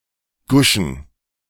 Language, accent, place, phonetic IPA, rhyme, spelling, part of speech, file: German, Germany, Berlin, [ˈɡʊʃn̩], -ʊʃn̩, Guschen, noun, De-Guschen.ogg
- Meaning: plural of Gusche